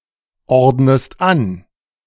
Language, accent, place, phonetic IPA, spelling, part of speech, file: German, Germany, Berlin, [ˌɔʁdnəst ˈan], ordnest an, verb, De-ordnest an.ogg
- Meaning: inflection of anordnen: 1. second-person singular present 2. second-person singular subjunctive I